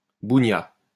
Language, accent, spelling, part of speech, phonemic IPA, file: French, France, bougnat, noun, /bu.ɲa/, LL-Q150 (fra)-bougnat.wav
- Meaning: 1. a coalman and barkeeper 2. a native of Auvergne